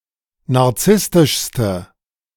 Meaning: inflection of narzisstisch: 1. strong/mixed nominative/accusative feminine singular superlative degree 2. strong nominative/accusative plural superlative degree
- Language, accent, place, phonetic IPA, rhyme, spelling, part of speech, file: German, Germany, Berlin, [naʁˈt͡sɪstɪʃstə], -ɪstɪʃstə, narzisstischste, adjective, De-narzisstischste.ogg